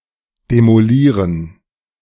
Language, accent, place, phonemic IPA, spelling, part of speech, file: German, Germany, Berlin, /demoˈliːʁən/, demolieren, verb, De-demolieren.ogg
- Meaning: 1. to demolish, destroy, tear down 2. to tear down a dilapidated building, specifically